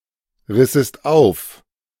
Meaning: second-person singular subjunctive II of aufreißen
- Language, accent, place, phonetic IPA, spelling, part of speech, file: German, Germany, Berlin, [ˌʁɪsəst ˈaʊ̯f], rissest auf, verb, De-rissest auf.ogg